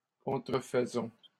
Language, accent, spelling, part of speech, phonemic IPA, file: French, Canada, contrefaisons, verb, /kɔ̃.tʁə.f(ə).zɔ̃/, LL-Q150 (fra)-contrefaisons.wav
- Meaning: inflection of contrefaire: 1. first-person plural present indicative 2. first-person plural imperative